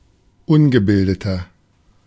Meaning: 1. comparative degree of ungebildet 2. inflection of ungebildet: strong/mixed nominative masculine singular 3. inflection of ungebildet: strong genitive/dative feminine singular
- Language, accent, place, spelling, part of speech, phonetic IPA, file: German, Germany, Berlin, ungebildeter, adjective, [ˈʊnɡəˌbɪldətɐ], De-ungebildeter.ogg